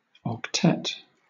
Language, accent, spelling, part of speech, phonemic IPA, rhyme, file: English, Southern England, octet, noun, /ɒkˈtɛt/, -ɛt, LL-Q1860 (eng)-octet.wav
- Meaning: 1. A group or set of eight of something 2. A group of eight musicians performing together 3. A composition for such a group of musicians 4. A byte of eight bits. Abbreviation: o